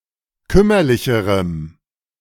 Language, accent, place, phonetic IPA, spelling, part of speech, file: German, Germany, Berlin, [ˈkʏmɐlɪçəʁəm], kümmerlicherem, adjective, De-kümmerlicherem.ogg
- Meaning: strong dative masculine/neuter singular comparative degree of kümmerlich